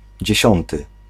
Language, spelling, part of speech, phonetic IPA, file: Polish, dziesiąty, adjective / noun, [d͡ʑɛ̇ˈɕɔ̃ntɨ], Pl-dziesiąty.ogg